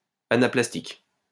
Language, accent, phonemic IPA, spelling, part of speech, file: French, France, /a.na.plas.tik/, anaplastique, adjective, LL-Q150 (fra)-anaplastique.wav
- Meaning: anaplastic